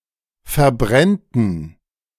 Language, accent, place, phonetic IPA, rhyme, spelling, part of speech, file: German, Germany, Berlin, [fɛɐ̯ˈbʁɛntn̩], -ɛntn̩, verbrennten, verb, De-verbrennten.ogg
- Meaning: first/third-person plural subjunctive II of verbrennen